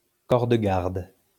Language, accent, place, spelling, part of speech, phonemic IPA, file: French, France, Lyon, corps de garde, noun, /kɔʁ də ɡaʁd/, LL-Q150 (fra)-corps de garde.wav
- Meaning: 1. guards, corps de garde (body of soldiers stationed on guard) 2. guardhouse, guardroom, gatehouse, corps de garde